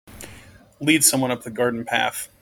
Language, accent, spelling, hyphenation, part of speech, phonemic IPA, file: English, General American, lead someone up the garden path, lead some‧one up the gar‧den path, verb, /ˈlid ˌsʌmwʌn ˈʌp ðə ˈɡɑɹdən ˌpæθ/, En-us-lead someone up the garden path.mp3
- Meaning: To deceive, hoodwink, mislead, or seduce someone